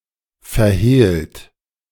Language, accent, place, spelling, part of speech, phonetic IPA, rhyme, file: German, Germany, Berlin, verhehlt, verb, [fɛɐ̯ˈheːlt], -eːlt, De-verhehlt.ogg
- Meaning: 1. past participle of verhehlen 2. inflection of verhehlen: second-person plural present 3. inflection of verhehlen: third-person singular present 4. inflection of verhehlen: plural imperative